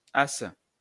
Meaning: a type of pickaxe used in tunneling
- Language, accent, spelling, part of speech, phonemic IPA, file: French, France, asse, noun, /as/, LL-Q150 (fra)-asse.wav